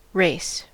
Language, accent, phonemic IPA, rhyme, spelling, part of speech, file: English, General American, /ɹeɪs/, -eɪs, race, noun / verb, En-us-race.ogg
- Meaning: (noun) 1. A contest between people, animals, vehicles, etc. where the goal is to be the first to reach some objective 2. Swift progress; rapid motion; an instance of moving or driving at high speed